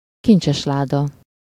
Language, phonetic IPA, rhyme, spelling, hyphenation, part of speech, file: Hungarian, [ˈkint͡ʃɛʃlaːdɒ], -dɒ, kincsesláda, kin‧cses‧lá‧da, noun, Hu-kincsesláda.ogg
- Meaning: treasure chest